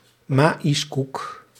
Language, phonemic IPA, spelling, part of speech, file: Dutch, /ˈmaːi̯s.kuk/, maïskoek, noun, Nl-maïskoek.ogg
- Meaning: Mexican tortilla